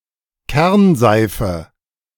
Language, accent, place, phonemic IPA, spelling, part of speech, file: German, Germany, Berlin, /ˈkɛrnzaɪ̯fə/, Kernseife, noun, De-Kernseife.ogg
- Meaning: curd soap, hard soap